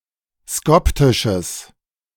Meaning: strong/mixed nominative/accusative neuter singular of skoptisch
- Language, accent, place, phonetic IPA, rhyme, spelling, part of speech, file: German, Germany, Berlin, [ˈskɔptɪʃəs], -ɔptɪʃəs, skoptisches, adjective, De-skoptisches.ogg